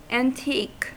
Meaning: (adjective) 1. Having existed in ancient times, descended from antiquity; used especially in reference to Greece and Rome 2. Belonging to former times, not modern, out of date, old-fashioned
- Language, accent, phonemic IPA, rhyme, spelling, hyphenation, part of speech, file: English, US, /ˌænˈtik/, -iːk, antique, an‧tique, adjective / noun / verb, En-us-antique.ogg